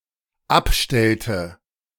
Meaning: inflection of abstellen: 1. first/third-person singular dependent preterite 2. first/third-person singular dependent subjunctive II
- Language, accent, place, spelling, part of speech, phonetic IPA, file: German, Germany, Berlin, abstellte, verb, [ˈapˌʃtɛltə], De-abstellte.ogg